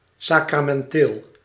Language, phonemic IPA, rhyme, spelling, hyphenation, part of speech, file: Dutch, /ˌsaː.kraː.mɛnˈteːl/, -eːl, sacramenteel, sa‧cra‧men‧teel, adjective, Nl-sacramenteel.ogg
- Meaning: sacramental